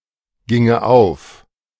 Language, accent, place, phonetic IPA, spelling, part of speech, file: German, Germany, Berlin, [ˌɡɪŋə ˈaʊ̯f], ginge auf, verb, De-ginge auf.ogg
- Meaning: first/third-person singular subjunctive II of aufgehen